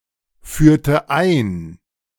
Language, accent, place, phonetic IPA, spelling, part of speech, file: German, Germany, Berlin, [ˌfyːɐ̯tə ˈaɪ̯n], führte ein, verb, De-führte ein.ogg
- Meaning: inflection of einführen: 1. first/third-person singular preterite 2. first/third-person singular subjunctive II